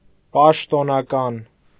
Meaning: official
- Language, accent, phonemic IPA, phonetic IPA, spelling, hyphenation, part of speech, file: Armenian, Eastern Armenian, /pɑʃtonɑˈkɑn/, [pɑʃtonɑkɑ́n], պաշտոնական, պաշ‧տո‧նա‧կան, adjective, Hy-պաշտոնական.ogg